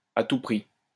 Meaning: at all costs, by any means, no matter what
- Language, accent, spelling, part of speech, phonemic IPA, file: French, France, à tout prix, adverb, /a tu pʁi/, LL-Q150 (fra)-à tout prix.wav